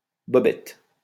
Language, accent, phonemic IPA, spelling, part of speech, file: French, France, /bɔ.bɛt/, bobettes, noun, LL-Q150 (fra)-bobettes.wav
- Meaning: briefs